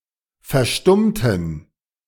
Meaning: inflection of verstummen: 1. first/third-person plural preterite 2. first/third-person plural subjunctive II
- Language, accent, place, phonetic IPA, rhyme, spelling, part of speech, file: German, Germany, Berlin, [fɛɐ̯ˈʃtʊmtn̩], -ʊmtn̩, verstummten, adjective / verb, De-verstummten.ogg